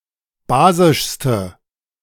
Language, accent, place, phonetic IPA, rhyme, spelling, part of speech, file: German, Germany, Berlin, [ˈbaːzɪʃstə], -aːzɪʃstə, basischste, adjective, De-basischste.ogg
- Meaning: inflection of basisch: 1. strong/mixed nominative/accusative feminine singular superlative degree 2. strong nominative/accusative plural superlative degree